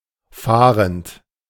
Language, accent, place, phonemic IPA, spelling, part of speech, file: German, Germany, Berlin, /ˈfaːrənt/, fahrend, verb / adjective, De-fahrend.ogg
- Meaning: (verb) present participle of fahren; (adjective) nomadic; roaming